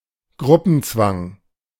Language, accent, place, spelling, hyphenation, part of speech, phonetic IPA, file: German, Germany, Berlin, Gruppenzwang, Grup‧pen‧zwang, noun, [ˈɡʁʊpənˌt͡svaŋ], De-Gruppenzwang.ogg
- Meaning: peer pressure